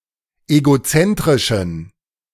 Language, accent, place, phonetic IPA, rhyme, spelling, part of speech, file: German, Germany, Berlin, [eɡoˈt͡sɛntʁɪʃn̩], -ɛntʁɪʃn̩, egozentrischen, adjective, De-egozentrischen.ogg
- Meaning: inflection of egozentrisch: 1. strong genitive masculine/neuter singular 2. weak/mixed genitive/dative all-gender singular 3. strong/weak/mixed accusative masculine singular 4. strong dative plural